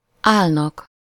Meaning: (verb) third-person plural indicative present indefinite of áll; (noun) dative singular of áll
- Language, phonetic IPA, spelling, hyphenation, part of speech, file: Hungarian, [ˈaːlnɒk], állnak, áll‧nak, verb / noun, Hu-állnak.ogg